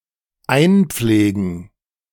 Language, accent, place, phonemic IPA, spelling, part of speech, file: German, Germany, Berlin, /ˈaɪ̯nˌp͡fleːɡn̩/, einpflegen, verb, De-einpflegen2.ogg
- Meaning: to enter data